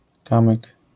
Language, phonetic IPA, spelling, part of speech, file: Polish, [ˈkãmɨk], kamyk, noun, LL-Q809 (pol)-kamyk.wav